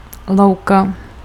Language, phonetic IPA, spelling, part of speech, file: Czech, [ˈlou̯ka], louka, noun, Cs-louka.ogg
- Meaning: meadow